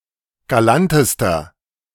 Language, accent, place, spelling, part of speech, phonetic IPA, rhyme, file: German, Germany, Berlin, galantester, adjective, [ɡaˈlantəstɐ], -antəstɐ, De-galantester.ogg
- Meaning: inflection of galant: 1. strong/mixed nominative masculine singular superlative degree 2. strong genitive/dative feminine singular superlative degree 3. strong genitive plural superlative degree